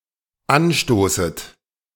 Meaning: second-person plural dependent subjunctive I of anstoßen
- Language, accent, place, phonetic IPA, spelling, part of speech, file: German, Germany, Berlin, [ˈanˌʃtoːsət], anstoßet, verb, De-anstoßet.ogg